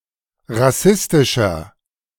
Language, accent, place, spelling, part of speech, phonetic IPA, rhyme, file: German, Germany, Berlin, rassistischer, adjective, [ʁaˈsɪstɪʃɐ], -ɪstɪʃɐ, De-rassistischer.ogg
- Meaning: 1. comparative degree of rassistisch 2. inflection of rassistisch: strong/mixed nominative masculine singular 3. inflection of rassistisch: strong genitive/dative feminine singular